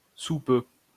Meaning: soon, shortly, in a moment
- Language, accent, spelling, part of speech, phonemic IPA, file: French, France, sous peu, adverb, /su pø/, LL-Q150 (fra)-sous peu.wav